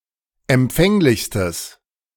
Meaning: strong/mixed nominative/accusative neuter singular superlative degree of empfänglich
- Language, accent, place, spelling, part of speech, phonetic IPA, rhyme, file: German, Germany, Berlin, empfänglichstes, adjective, [ɛmˈp͡fɛŋlɪçstəs], -ɛŋlɪçstəs, De-empfänglichstes.ogg